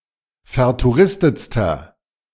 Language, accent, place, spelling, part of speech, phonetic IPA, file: German, Germany, Berlin, vertouristetster, adjective, [fɛɐ̯tuˈʁɪstət͡stɐ], De-vertouristetster.ogg
- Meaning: inflection of vertouristet: 1. strong/mixed nominative masculine singular superlative degree 2. strong genitive/dative feminine singular superlative degree 3. strong genitive plural superlative degree